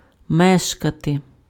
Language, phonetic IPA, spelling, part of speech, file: Ukrainian, [ˈmɛʃkɐte], мешкати, verb, Uk-мешкати.ogg
- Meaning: to live, to reside (to have permanent residence)